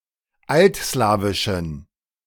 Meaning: inflection of altslawisch: 1. strong genitive masculine/neuter singular 2. weak/mixed genitive/dative all-gender singular 3. strong/weak/mixed accusative masculine singular 4. strong dative plural
- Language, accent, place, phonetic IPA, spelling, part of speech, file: German, Germany, Berlin, [ˈaltˌslaːvɪʃn̩], altslawischen, adjective, De-altslawischen.ogg